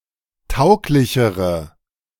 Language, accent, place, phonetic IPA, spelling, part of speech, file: German, Germany, Berlin, [ˈtaʊ̯klɪçəʁə], tauglichere, adjective, De-tauglichere.ogg
- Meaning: inflection of tauglich: 1. strong/mixed nominative/accusative feminine singular comparative degree 2. strong nominative/accusative plural comparative degree